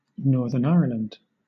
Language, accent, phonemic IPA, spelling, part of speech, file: English, Southern England, /ˈnɔː(ɹ)ðə(ɹ)n ˈaiə(ɹ)lənd/, Northern Ireland, proper noun, LL-Q1860 (eng)-Northern Ireland.wav
- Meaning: A constituent country and province of the United Kingdom, situated in the northeastern part of the island of Ireland